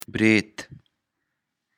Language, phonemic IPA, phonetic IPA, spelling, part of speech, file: Pashto, /bret/, [bɾet̪], برېت, noun, برېت.ogg
- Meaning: moustache